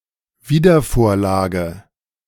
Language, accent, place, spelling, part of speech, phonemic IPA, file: German, Germany, Berlin, Wiedervorlage, noun, /ˌviːdɐˈfoːɐ̯ˌlaːɡə/, De-Wiedervorlage.ogg
- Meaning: 1. resubmission; the act of handing in a document again 2. a file in an office where documents are kept on hold for resubmission, especially by a secretary